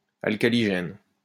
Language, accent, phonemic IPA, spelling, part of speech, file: French, France, /al.ka.li.ʒɛn/, alcaligène, adjective, LL-Q150 (fra)-alcaligène.wav
- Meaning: alkaligenous